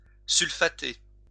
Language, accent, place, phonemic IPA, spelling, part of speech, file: French, France, Lyon, /syl.fa.te/, sulfater, verb, LL-Q150 (fra)-sulfater.wav
- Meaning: 1. to sulfate 2. to spray copper sulfate solution (as a fungicide) 3. to shoot a gun at someone or something